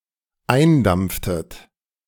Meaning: inflection of eindampfen: 1. second-person plural dependent preterite 2. second-person plural dependent subjunctive II
- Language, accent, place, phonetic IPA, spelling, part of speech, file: German, Germany, Berlin, [ˈaɪ̯nˌdamp͡ftət], eindampftet, verb, De-eindampftet.ogg